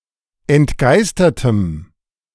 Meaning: strong dative masculine/neuter singular of entgeistert
- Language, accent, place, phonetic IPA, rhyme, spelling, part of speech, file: German, Germany, Berlin, [ɛntˈɡaɪ̯stɐtəm], -aɪ̯stɐtəm, entgeistertem, adjective, De-entgeistertem.ogg